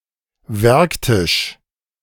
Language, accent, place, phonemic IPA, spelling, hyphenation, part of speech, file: German, Germany, Berlin, /ˈvɛʁkˌtɪʃ/, Werktisch, Werk‧tisch, noun, De-Werktisch.ogg
- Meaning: workbench (table at which manual work is done)